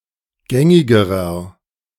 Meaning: inflection of gängig: 1. strong/mixed nominative masculine singular comparative degree 2. strong genitive/dative feminine singular comparative degree 3. strong genitive plural comparative degree
- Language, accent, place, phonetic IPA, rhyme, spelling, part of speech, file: German, Germany, Berlin, [ˈɡɛŋɪɡəʁɐ], -ɛŋɪɡəʁɐ, gängigerer, adjective, De-gängigerer.ogg